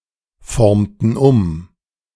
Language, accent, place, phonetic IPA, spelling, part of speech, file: German, Germany, Berlin, [ˌfɔʁmtn̩ ˈʊm], formten um, verb, De-formten um.ogg
- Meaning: inflection of umformen: 1. first/third-person plural preterite 2. first/third-person plural subjunctive II